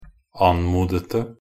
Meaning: 1. past participle definite singular of anmode 2. past participle plural of anmode
- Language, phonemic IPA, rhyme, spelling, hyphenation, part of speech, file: Norwegian Bokmål, /ˈan.muːdətə/, -ətə, anmodete, an‧mo‧de‧te, verb, Nb-anmodete.ogg